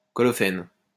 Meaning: colophene
- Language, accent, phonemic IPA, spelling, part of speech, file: French, France, /kɔ.lɔ.fɛn/, colophène, noun, LL-Q150 (fra)-colophène.wav